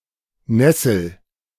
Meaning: 1. nettle 2. muslin
- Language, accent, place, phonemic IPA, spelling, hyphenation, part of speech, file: German, Germany, Berlin, /ˈnɛsl̩/, Nessel, Nes‧sel, noun, De-Nessel.ogg